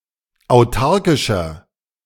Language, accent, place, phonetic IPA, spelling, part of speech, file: German, Germany, Berlin, [aʊ̯ˈtaʁkɪʃɐ], autarkischer, adjective, De-autarkischer.ogg
- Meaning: inflection of autarkisch: 1. strong/mixed nominative masculine singular 2. strong genitive/dative feminine singular 3. strong genitive plural